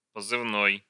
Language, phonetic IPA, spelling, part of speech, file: Russian, [pəzɨvˈnoj], позывной, noun, Ru-позывной.ogg
- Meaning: 1. code name 2. call sign (broadcasting, military) 3. signature tune (TV, radio)